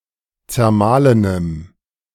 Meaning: strong dative masculine/neuter singular of zermahlen
- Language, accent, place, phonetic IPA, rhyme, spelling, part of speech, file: German, Germany, Berlin, [t͡sɛɐ̯ˈmaːlənəm], -aːlənəm, zermahlenem, adjective, De-zermahlenem.ogg